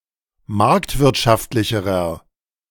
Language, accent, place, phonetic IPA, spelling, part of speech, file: German, Germany, Berlin, [ˈmaʁktvɪʁtʃaftlɪçəʁɐ], marktwirtschaftlicherer, adjective, De-marktwirtschaftlicherer.ogg
- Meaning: inflection of marktwirtschaftlich: 1. strong/mixed nominative masculine singular comparative degree 2. strong genitive/dative feminine singular comparative degree